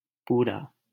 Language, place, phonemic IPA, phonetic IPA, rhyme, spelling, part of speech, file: Hindi, Delhi, /puː.ɾɑː/, [puː.ɾäː], -ɑː, पूरा, adjective, LL-Q1568 (hin)-पूरा.wav
- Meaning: 1. whole 2. entire 3. complete 4. fulfilled